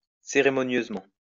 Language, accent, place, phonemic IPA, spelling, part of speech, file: French, France, Lyon, /se.ʁe.mɔ.njøz.mɑ̃/, cérémonieusement, adverb, LL-Q150 (fra)-cérémonieusement.wav
- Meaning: ceremoniously